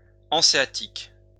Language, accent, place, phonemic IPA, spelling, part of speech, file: French, France, Lyon, /ɑ̃.se.a.tik/, hanséatique, adjective, LL-Q150 (fra)-hanséatique.wav
- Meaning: Hanseatic